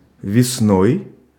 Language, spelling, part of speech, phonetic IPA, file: Russian, весной, adverb / noun, [vʲɪsˈnoj], Ru-весной.ogg
- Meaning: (adverb) in spring; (noun) instrumental singular of весна́ (vesná)